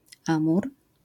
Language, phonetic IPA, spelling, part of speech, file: Polish, [ˈãmur], Amur, proper noun, LL-Q809 (pol)-Amur.wav